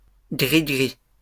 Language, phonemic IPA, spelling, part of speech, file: French, /ɡʁi.ɡʁi/, gri-gris, noun, LL-Q150 (fra)-gri-gris.wav
- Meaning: plural of gri-gri